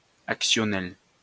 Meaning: actional
- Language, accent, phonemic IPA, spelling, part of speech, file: French, France, /ak.sjɔ.nɛl/, actionnel, adjective, LL-Q150 (fra)-actionnel.wav